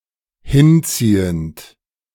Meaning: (verb) present participle of hinziehen; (adjective) protractive
- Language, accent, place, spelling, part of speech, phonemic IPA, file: German, Germany, Berlin, hinziehend, verb / adjective, /ˈhɪnˌt͡siːənt/, De-hinziehend.ogg